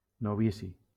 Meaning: 1. novice, beginner 2. novice (a newcomer of a religious order)
- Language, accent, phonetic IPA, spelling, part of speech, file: Catalan, Valencia, [noˈvi.si], novici, noun, LL-Q7026 (cat)-novici.wav